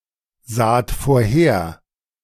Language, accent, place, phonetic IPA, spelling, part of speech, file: German, Germany, Berlin, [ˌzaːt foːɐ̯ˈheːɐ̯], saht vorher, verb, De-saht vorher.ogg
- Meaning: second-person plural preterite of vorhersehen